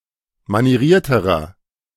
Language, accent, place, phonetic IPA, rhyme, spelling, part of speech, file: German, Germany, Berlin, [maniˈʁiːɐ̯təʁɐ], -iːɐ̯təʁɐ, manierierterer, adjective, De-manierierterer.ogg
- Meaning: inflection of manieriert: 1. strong/mixed nominative masculine singular comparative degree 2. strong genitive/dative feminine singular comparative degree 3. strong genitive plural comparative degree